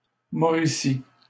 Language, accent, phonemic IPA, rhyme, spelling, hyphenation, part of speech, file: French, Canada, /mɔ.ʁi.si/, -i, Mauricie, Mau‧ri‧cie, proper noun, LL-Q150 (fra)-Mauricie.wav
- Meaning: Mauricie (an administrative region of Quebec, Canada)